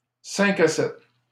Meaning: 1. quick early evening tryst 2. early evening get-together similar to a happy hour, cocktail party, or wine and cheese, held approximately between 5 and 7 p.m
- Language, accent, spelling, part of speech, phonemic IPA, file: French, Canada, cinq à sept, noun, /sɛ̃.k‿a sɛt/, LL-Q150 (fra)-cinq à sept.wav